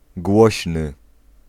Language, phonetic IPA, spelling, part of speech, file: Polish, [ˈɡwɔɕnɨ], głośny, adjective, Pl-głośny.ogg